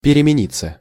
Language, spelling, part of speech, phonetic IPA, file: Russian, перемениться, verb, [pʲɪrʲɪmʲɪˈnʲit͡sːə], Ru-перемениться.ogg
- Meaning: 1. to change 2. to change (to, towards), to change one's attitude (towards) 3. passive of перемени́ть (peremenítʹ)